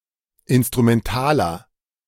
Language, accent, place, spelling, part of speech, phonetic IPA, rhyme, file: German, Germany, Berlin, instrumentaler, adjective, [ˌɪnstʁumɛnˈtaːlɐ], -aːlɐ, De-instrumentaler.ogg
- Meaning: inflection of instrumental: 1. strong/mixed nominative masculine singular 2. strong genitive/dative feminine singular 3. strong genitive plural